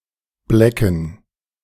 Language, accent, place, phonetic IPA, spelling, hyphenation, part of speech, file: German, Germany, Berlin, [ˈblɛkn̩], blecken, ble‧cken, verb, De-blecken.ogg
- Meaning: to bare